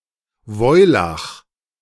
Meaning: saddle blanket
- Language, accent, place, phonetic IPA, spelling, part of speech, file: German, Germany, Berlin, [ˈvɔɪ̯ˌlax], Woilach, noun, De-Woilach.ogg